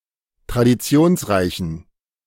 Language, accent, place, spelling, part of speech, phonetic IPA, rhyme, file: German, Germany, Berlin, traditionsreichen, adjective, [tʁadiˈt͡si̯oːnsˌʁaɪ̯çn̩], -oːnsʁaɪ̯çn̩, De-traditionsreichen.ogg
- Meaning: inflection of traditionsreich: 1. strong genitive masculine/neuter singular 2. weak/mixed genitive/dative all-gender singular 3. strong/weak/mixed accusative masculine singular 4. strong dative plural